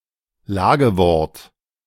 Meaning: 1. supine 2. preposition
- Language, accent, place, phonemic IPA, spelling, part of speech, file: German, Germany, Berlin, /ˈlaːɡəˌvɔʁt/, Lagewort, noun, De-Lagewort.ogg